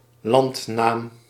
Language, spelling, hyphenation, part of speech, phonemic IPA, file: Dutch, landnaam, land‧naam, noun, /ˈlɑnt.naːm/, Nl-landnaam.ogg
- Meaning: uncommon form of landsnaam